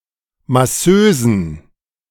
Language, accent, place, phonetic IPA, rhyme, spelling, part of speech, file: German, Germany, Berlin, [maˈsøːzn̩], -øːzn̩, Masseusen, noun, De-Masseusen.ogg
- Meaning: plural of Masseuse